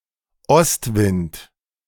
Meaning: east wind
- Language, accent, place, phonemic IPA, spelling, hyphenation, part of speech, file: German, Germany, Berlin, /ˈɔstˌvɪnt/, Ostwind, Ost‧wind, noun, De-Ostwind.ogg